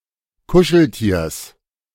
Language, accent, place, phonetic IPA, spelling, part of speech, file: German, Germany, Berlin, [ˈkʊʃl̩ˌtiːɐ̯s], Kuscheltiers, noun, De-Kuscheltiers.ogg
- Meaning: genitive singular of Kuscheltier